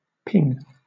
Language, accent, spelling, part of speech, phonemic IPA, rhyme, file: English, Southern England, ping, noun / verb, /pɪŋ/, -ɪŋ, LL-Q1860 (eng)-ping.wav
- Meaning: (noun) 1. A high-pitched, short and somewhat sharp sound 2. A pulse of high-pitched or ultrasonic sound whose echoes provide information about nearby objects and vessels